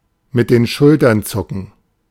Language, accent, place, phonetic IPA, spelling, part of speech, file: German, Germany, Berlin, [mɪt deːn ˈʃʊltɐn ˈt͡sʊkn̩], mit den Schultern zucken, verb, De-mit den Schultern zucken.ogg
- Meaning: to shrug